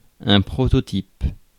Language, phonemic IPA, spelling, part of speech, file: French, /pʁɔ.tɔ.tip/, prototype, noun, Fr-prototype.ogg
- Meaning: prototype